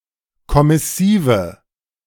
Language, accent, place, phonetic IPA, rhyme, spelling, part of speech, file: German, Germany, Berlin, [kɔmɪˈsiːvə], -iːvə, kommissive, adjective, De-kommissive.ogg
- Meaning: inflection of kommissiv: 1. strong/mixed nominative/accusative feminine singular 2. strong nominative/accusative plural 3. weak nominative all-gender singular